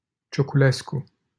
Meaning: a surname
- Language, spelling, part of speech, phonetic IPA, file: Romanian, Cioculescu, proper noun, [tʃokuˈlesku], LL-Q7913 (ron)-Cioculescu.wav